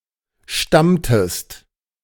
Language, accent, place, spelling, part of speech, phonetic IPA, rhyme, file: German, Germany, Berlin, stammtest, verb, [ˈʃtamtəst], -amtəst, De-stammtest.ogg
- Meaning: inflection of stammen: 1. second-person singular preterite 2. second-person singular subjunctive II